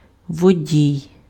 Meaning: driver (of a vehicle)
- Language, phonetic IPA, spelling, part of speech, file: Ukrainian, [woˈdʲii̯], водій, noun, Uk-водій.ogg